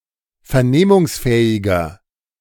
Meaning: inflection of vernehmungsfähig: 1. strong/mixed nominative masculine singular 2. strong genitive/dative feminine singular 3. strong genitive plural
- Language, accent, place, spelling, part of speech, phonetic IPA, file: German, Germany, Berlin, vernehmungsfähiger, adjective, [fɛɐ̯ˈneːmʊŋsˌfɛːɪɡɐ], De-vernehmungsfähiger.ogg